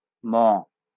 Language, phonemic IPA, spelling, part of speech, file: Bengali, /mɔ/, ম, character, LL-Q9610 (ben)-ম.wav
- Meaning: The 36th character in the Bengali abugida